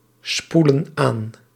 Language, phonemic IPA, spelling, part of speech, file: Dutch, /ˈspulə(n) ˈan/, spoelen aan, verb, Nl-spoelen aan.ogg
- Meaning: inflection of aanspoelen: 1. plural present indicative 2. plural present subjunctive